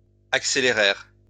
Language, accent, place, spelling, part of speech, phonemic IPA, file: French, France, Lyon, accélérèrent, verb, /ak.se.le.ʁɛʁ/, LL-Q150 (fra)-accélérèrent.wav
- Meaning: third-person plural past historic of accélérer